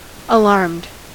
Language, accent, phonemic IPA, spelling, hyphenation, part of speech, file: English, US, /əˈlɑɹmd/, alarmed, alarmed, verb / adjective, En-us-alarmed.ogg
- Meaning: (verb) simple past and past participle of alarm; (adjective) 1. Having an alarm fitted 2. Worried; anxious; panicky